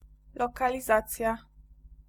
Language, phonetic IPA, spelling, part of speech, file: Polish, [ˌlɔkalʲiˈzat͡sʲja], lokalizacja, noun, Pl-lokalizacja.ogg